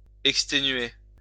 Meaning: to extenuate, weaken, exhaust
- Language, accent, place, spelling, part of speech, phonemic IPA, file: French, France, Lyon, exténuer, verb, /ɛk.ste.nɥe/, LL-Q150 (fra)-exténuer.wav